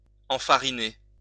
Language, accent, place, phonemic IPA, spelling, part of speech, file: French, France, Lyon, /ɑ̃.fa.ʁi.ne/, enfariner, verb, LL-Q150 (fra)-enfariner.wav
- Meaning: to flour (cover with flour)